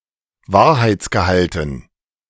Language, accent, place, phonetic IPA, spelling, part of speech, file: German, Germany, Berlin, [ˈvaːɐ̯haɪ̯t͡sɡəˌhaltn̩], Wahrheitsgehalten, noun, De-Wahrheitsgehalten.ogg
- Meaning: dative plural of Wahrheitsgehalt